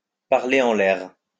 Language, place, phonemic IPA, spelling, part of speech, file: French, Lyon, /paʁ.le ɑ̃ l‿ɛʁ/, parler en l'air, verb, LL-Q150 (fra)-parler en l'air.wav
- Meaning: 1. to waste one's breath (to speak without being listened to) 2. to blow smoke; to talk through one's hat (to speak about issues one doesn't understand)